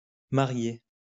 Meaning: plural of marié
- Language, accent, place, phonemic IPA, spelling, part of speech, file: French, France, Lyon, /ma.ʁje/, mariés, adjective, LL-Q150 (fra)-mariés.wav